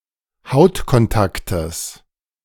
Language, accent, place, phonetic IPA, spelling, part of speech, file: German, Germany, Berlin, [ˈhaʊ̯tkɔnˌtaktəs], Hautkontaktes, noun, De-Hautkontaktes.ogg
- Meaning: genitive singular of Hautkontakt